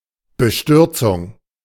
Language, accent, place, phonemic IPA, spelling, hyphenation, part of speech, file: German, Germany, Berlin, /bəˈʃtʏʁt͡sʊŋ/, Bestürzung, Be‧stür‧zung, noun, De-Bestürzung.ogg
- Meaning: dismay, consternation